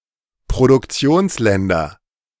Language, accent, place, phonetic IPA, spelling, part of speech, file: German, Germany, Berlin, [pʁodʊkˈt͡si̯oːnsˌlɛndɐ], Produktionsländer, noun, De-Produktionsländer.ogg
- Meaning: nominative/accusative/genitive plural of Produktionsland